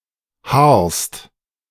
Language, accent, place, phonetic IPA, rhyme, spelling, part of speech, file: German, Germany, Berlin, [haːɐ̯st], -aːɐ̯st, haarst, verb, De-haarst.ogg
- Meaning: second-person singular present of haaren